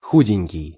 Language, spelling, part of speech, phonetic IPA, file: Russian, худенький, adjective, [ˈxudʲɪnʲkʲɪj], Ru-худенький.ogg
- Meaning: endearing form of худо́й (xudój, “slender, thin”)